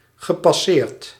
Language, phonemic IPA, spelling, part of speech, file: Dutch, /ɣəpɑˈsert/, gepasseerd, verb, Nl-gepasseerd.ogg
- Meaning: past participle of passeren